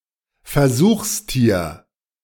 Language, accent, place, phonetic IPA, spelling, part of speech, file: German, Germany, Berlin, [fɛɐ̯ˈzuːxsˌtiːɐ̯], Versuchstier, noun, De-Versuchstier.ogg
- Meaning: laboratory animal, experimental animal, lab animal, test animal, animal subject, animal test subject; animal used in animal testing